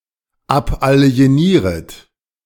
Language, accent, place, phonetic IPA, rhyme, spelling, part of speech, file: German, Germany, Berlin, [ˌapʔali̯eˈniːʁət], -iːʁət, abalienieret, verb, De-abalienieret.ogg
- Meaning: second-person plural subjunctive I of abalienieren